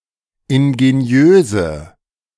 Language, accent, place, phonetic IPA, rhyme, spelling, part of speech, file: German, Germany, Berlin, [ɪnɡeˈni̯øːzə], -øːzə, ingeniöse, adjective, De-ingeniöse.ogg
- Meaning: inflection of ingeniös: 1. strong/mixed nominative/accusative feminine singular 2. strong nominative/accusative plural 3. weak nominative all-gender singular